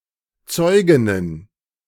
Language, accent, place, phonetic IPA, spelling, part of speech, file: German, Germany, Berlin, [ˈt͡sɔɪ̯ɡɪnən], Zeuginnen, noun, De-Zeuginnen.ogg
- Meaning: plural of Zeugin